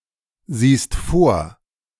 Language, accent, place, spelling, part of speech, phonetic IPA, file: German, Germany, Berlin, siehst vor, verb, [ˌziːst ˈfoːɐ̯], De-siehst vor.ogg
- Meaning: second-person singular present of vorsehen